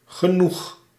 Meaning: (determiner) 1. enough 2. plenty; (adverb) enough, to enough of a degree, with sufficient frequency
- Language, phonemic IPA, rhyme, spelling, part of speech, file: Dutch, /ɣəˈnux/, -ux, genoeg, determiner / adverb, Nl-genoeg.ogg